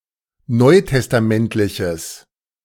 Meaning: strong/mixed nominative/accusative neuter singular of neutestamentlich
- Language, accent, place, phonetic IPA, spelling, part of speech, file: German, Germany, Berlin, [ˈnɔɪ̯tɛstaˌmɛntlɪçəs], neutestamentliches, adjective, De-neutestamentliches.ogg